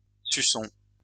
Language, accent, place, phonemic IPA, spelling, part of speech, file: French, France, Lyon, /sy.sɔ̃/, suçon, noun, LL-Q150 (fra)-suçon.wav
- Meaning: 1. hickey, love bite 2. lollipop